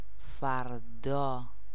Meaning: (adverb) tomorrow
- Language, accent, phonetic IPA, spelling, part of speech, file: Persian, Iran, [fæɹ.d̪ɒ́ː], فردا, adverb / noun, Fa-فردا.ogg